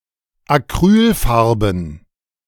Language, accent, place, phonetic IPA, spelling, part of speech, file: German, Germany, Berlin, [aˈkʁyːlˌfaʁbn̩], Acrylfarben, noun, De-Acrylfarben.ogg
- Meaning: plural of Acrylfarbe